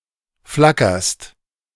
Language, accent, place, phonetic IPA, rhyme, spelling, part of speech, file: German, Germany, Berlin, [ˈflakɐst], -akɐst, flackerst, verb, De-flackerst.ogg
- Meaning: second-person singular present of flackern